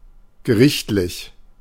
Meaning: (adjective) judicial, legal; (adverb) by court order, legally
- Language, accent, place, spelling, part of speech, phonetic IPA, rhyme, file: German, Germany, Berlin, gerichtlich, adjective, [ɡəˈʁɪçtlɪç], -ɪçtlɪç, De-gerichtlich.ogg